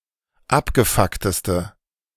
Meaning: inflection of abgefuckt: 1. strong/mixed nominative/accusative feminine singular superlative degree 2. strong nominative/accusative plural superlative degree
- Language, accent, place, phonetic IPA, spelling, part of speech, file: German, Germany, Berlin, [ˈapɡəˌfaktəstə], abgefuckteste, adjective, De-abgefuckteste.ogg